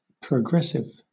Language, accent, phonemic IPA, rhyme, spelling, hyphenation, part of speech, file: English, Southern England, /pɹəˈɡɹɛsɪv/, -ɛsɪv, progressive, pro‧gress‧ive, adjective / noun, LL-Q1860 (eng)-progressive.wav
- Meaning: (adjective) 1. Favouring or promoting progress; advanced 2. Gradually advancing in extent; increasing 3. Promoting or favoring progress towards improved conditions or new policies, ideas, or methods